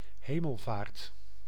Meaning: 1. Ascension Day 2. Christ’s ascension
- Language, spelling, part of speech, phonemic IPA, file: Dutch, Hemelvaart, proper noun, /ˈɦeːməlˌvaːrt/, Nl-Hemelvaart.ogg